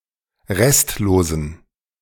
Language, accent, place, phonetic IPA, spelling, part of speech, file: German, Germany, Berlin, [ˈʁɛstloːzn̩], restlosen, adjective, De-restlosen.ogg
- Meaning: inflection of restlos: 1. strong genitive masculine/neuter singular 2. weak/mixed genitive/dative all-gender singular 3. strong/weak/mixed accusative masculine singular 4. strong dative plural